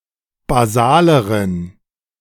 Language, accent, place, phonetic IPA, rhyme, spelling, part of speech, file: German, Germany, Berlin, [baˈzaːləʁən], -aːləʁən, basaleren, adjective, De-basaleren.ogg
- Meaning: inflection of basal: 1. strong genitive masculine/neuter singular comparative degree 2. weak/mixed genitive/dative all-gender singular comparative degree